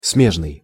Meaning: 1. adjoined, contiguous 2. related
- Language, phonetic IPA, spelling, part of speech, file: Russian, [ˈsmʲeʐnɨj], смежный, adjective, Ru-смежный.ogg